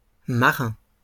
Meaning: plural of marin
- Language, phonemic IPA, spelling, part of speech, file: French, /ma.ʁɛ̃/, marins, noun, LL-Q150 (fra)-marins.wav